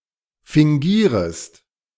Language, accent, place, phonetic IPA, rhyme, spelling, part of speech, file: German, Germany, Berlin, [fɪŋˈɡiːʁəst], -iːʁəst, fingierest, verb, De-fingierest.ogg
- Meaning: second-person singular subjunctive I of fingieren